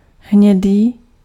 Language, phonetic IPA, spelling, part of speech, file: Czech, [ˈɦɲɛdiː], hnědý, adjective, Cs-hnědý.ogg
- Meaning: brown